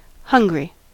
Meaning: 1. Affected by hunger; having the physical need for food 2. Causing hunger 3. Eager; having an avid desire or appetite for something 4. Not rich or fertile; poor; barren; starved
- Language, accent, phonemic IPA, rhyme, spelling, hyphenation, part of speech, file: English, US, /ˈhʌŋ.ɡɹi/, -ʌŋɡɹi, hungry, hun‧gry, adjective, En-us-hungry.ogg